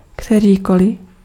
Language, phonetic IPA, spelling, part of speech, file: Czech, [ˈktɛriːkolɪ], kterýkoli, determiner, Cs-kterýkoli.ogg
- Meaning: any, whichever